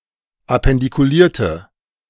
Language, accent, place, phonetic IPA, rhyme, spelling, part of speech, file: German, Germany, Berlin, [apɛndikuˈliːɐ̯tə], -iːɐ̯tə, appendikulierte, adjective, De-appendikulierte.ogg
- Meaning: inflection of appendikuliert: 1. strong/mixed nominative/accusative feminine singular 2. strong nominative/accusative plural 3. weak nominative all-gender singular